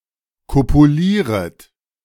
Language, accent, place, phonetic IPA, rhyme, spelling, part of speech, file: German, Germany, Berlin, [ˌkopuˈliːʁət], -iːʁət, kopulieret, verb, De-kopulieret.ogg
- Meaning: second-person plural subjunctive I of kopulieren